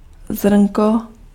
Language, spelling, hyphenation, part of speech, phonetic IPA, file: Czech, zrnko, zrn‧ko, noun, [ˈzrn̩ko], Cs-zrnko.ogg
- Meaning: 1. diminutive of zrno 2. grain (single seed of grain) 3. grain (single particle of a substance)